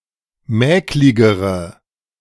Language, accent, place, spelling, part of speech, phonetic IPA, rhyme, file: German, Germany, Berlin, mäkligere, adjective, [ˈmɛːklɪɡəʁə], -ɛːklɪɡəʁə, De-mäkligere.ogg
- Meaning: inflection of mäklig: 1. strong/mixed nominative/accusative feminine singular comparative degree 2. strong nominative/accusative plural comparative degree